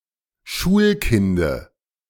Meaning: dative of Schulkind
- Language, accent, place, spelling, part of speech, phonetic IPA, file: German, Germany, Berlin, Schulkinde, noun, [ˈʃuːlˌkɪndə], De-Schulkinde.ogg